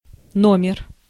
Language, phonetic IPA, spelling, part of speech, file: Russian, [ˈnomʲɪr], номер, noun, Ru-номер.ogg
- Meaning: 1. nominal number 2. number (various senses) 3. size (of clothes or shoes) 4. room (in a hotel) 5. number, issue (e.g. of a magazine or a newspaper) 6. item, turn, trick (e.g., in a circus)